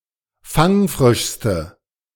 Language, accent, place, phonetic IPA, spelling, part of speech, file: German, Germany, Berlin, [ˈfaŋˌfʁɪʃstə], fangfrischste, adjective, De-fangfrischste.ogg
- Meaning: inflection of fangfrisch: 1. strong/mixed nominative/accusative feminine singular superlative degree 2. strong nominative/accusative plural superlative degree